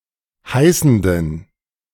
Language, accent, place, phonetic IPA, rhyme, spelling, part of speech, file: German, Germany, Berlin, [ˈhaɪ̯sn̩dən], -aɪ̯sn̩dən, heißenden, adjective, De-heißenden.ogg
- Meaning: inflection of heißend: 1. strong genitive masculine/neuter singular 2. weak/mixed genitive/dative all-gender singular 3. strong/weak/mixed accusative masculine singular 4. strong dative plural